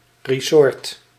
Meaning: a resort (place with recreational environment for holidays)
- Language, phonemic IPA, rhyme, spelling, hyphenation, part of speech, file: Dutch, /riˈzɔrt/, -ɔrt, resort, re‧sort, noun, Nl-resort.ogg